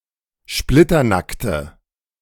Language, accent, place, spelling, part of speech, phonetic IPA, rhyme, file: German, Germany, Berlin, splitternackte, adjective, [ˈʃplɪtɐˌnaktə], -aktə, De-splitternackte.ogg
- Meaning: inflection of splitternackt: 1. strong/mixed nominative/accusative feminine singular 2. strong nominative/accusative plural 3. weak nominative all-gender singular